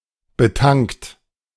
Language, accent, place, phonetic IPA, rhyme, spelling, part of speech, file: German, Germany, Berlin, [bəˈtaŋkt], -aŋkt, betankt, verb, De-betankt.ogg
- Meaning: 1. past participle of betanken 2. inflection of betanken: third-person singular present 3. inflection of betanken: second-person plural present 4. inflection of betanken: plural imperative